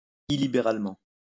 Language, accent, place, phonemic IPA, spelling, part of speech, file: French, France, Lyon, /i.li.be.ʁal.mɑ̃/, illibéralement, adverb, LL-Q150 (fra)-illibéralement.wav
- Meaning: illiberally